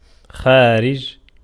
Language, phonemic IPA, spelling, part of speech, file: Arabic, /xaː.rid͡ʒ/, خارج, adjective / noun, Ar-خارج.ogg
- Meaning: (adjective) active participle of خَرَجَ (ḵaraja); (noun) 1. outside, exterior 2. foreign country, foreign countries, abroad 3. quotient